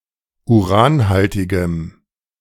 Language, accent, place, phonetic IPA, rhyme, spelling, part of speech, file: German, Germany, Berlin, [uˈʁaːnˌhaltɪɡəm], -aːnhaltɪɡəm, uranhaltigem, adjective, De-uranhaltigem.ogg
- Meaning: strong dative masculine/neuter singular of uranhaltig